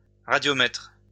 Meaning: radiometer (device that measures radiant energy)
- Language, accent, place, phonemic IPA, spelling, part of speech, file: French, France, Lyon, /ʁa.djɔ.mɛtʁ/, radiomètre, noun, LL-Q150 (fra)-radiomètre.wav